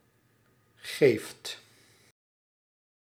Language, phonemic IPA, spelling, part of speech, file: Dutch, /ɣeft/, geeft, verb, Nl-geeft.ogg
- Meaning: inflection of geven: 1. second/third-person singular present indicative 2. plural imperative